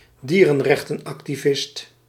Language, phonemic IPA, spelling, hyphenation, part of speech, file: Dutch, /ˈdiː.rə(n).rɛx.tə(n).ɑk.tiˌvɪst/, dierenrechtenactivist, die‧ren‧rech‧ten‧ac‧ti‧vist, noun, Nl-dierenrechtenactivist.ogg
- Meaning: animal rights activist